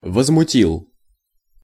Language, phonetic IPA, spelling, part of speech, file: Russian, [vəzmʊˈtʲiɫ], возмутил, verb, Ru-возмутил.ogg
- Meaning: masculine singular past indicative perfective of возмути́ть (vozmutítʹ)